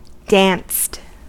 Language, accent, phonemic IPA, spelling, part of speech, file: English, US, /dænst/, danced, verb, En-us-danced.ogg
- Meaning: simple past and past participle of dance